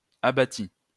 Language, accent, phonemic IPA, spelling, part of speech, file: French, France, /a.ba.ti/, abattit, verb, LL-Q150 (fra)-abattit.wav
- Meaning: third-person singular past historic of abattre